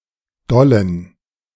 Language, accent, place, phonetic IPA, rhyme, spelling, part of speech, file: German, Germany, Berlin, [ˈdɔlən], -ɔlən, dollen, adjective, De-dollen.ogg
- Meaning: inflection of doll: 1. strong genitive masculine/neuter singular 2. weak/mixed genitive/dative all-gender singular 3. strong/weak/mixed accusative masculine singular 4. strong dative plural